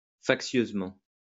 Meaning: factiously, provocatively
- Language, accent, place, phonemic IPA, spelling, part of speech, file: French, France, Lyon, /fak.sjøz.mɑ̃/, factieusement, adverb, LL-Q150 (fra)-factieusement.wav